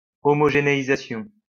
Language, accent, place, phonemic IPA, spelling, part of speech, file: French, France, Lyon, /ɔ.mɔ.ʒe.ne.i.za.sjɔ̃/, homogénéisation, noun, LL-Q150 (fra)-homogénéisation.wav
- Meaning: homogenization